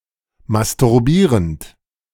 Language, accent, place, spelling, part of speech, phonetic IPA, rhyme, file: German, Germany, Berlin, masturbierend, verb, [mastʊʁˈbiːʁənt], -iːʁənt, De-masturbierend.ogg
- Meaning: present participle of masturbieren